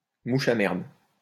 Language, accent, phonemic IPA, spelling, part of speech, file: French, France, /mu.ʃ‿a mɛʁd/, mouche à merde, noun, LL-Q150 (fra)-mouche à merde.wav
- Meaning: dungfly, bluebottle, greenbottle